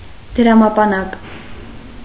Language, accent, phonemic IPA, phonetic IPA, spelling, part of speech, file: Armenian, Eastern Armenian, /d(ə)ɾɑmɑpɑˈnɑk/, [d(ə)ɾɑmɑpɑnɑ́k], դրամապանակ, noun, Hy-դրամապանակ.ogg
- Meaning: wallet